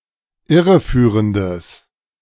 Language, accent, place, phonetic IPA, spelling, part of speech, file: German, Germany, Berlin, [ˈɪʁəˌfyːʁəndəs], irreführendes, adjective, De-irreführendes.ogg
- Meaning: strong/mixed nominative/accusative neuter singular of irreführend